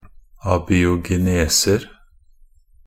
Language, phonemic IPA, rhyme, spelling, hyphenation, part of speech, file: Norwegian Bokmål, /abiːʊɡɛˈneːsər/, -ər, abiogeneser, a‧bi‧o‧ge‧ne‧ser, noun, Nb-abiogeneser.ogg
- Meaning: indefinite plural of abiogenese